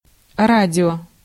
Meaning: 1. radio, tuner 2. Romeo (R in the ICAO spelling alphabet)
- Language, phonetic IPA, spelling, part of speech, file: Russian, [ˈradʲɪo], радио, noun, Ru-радио.ogg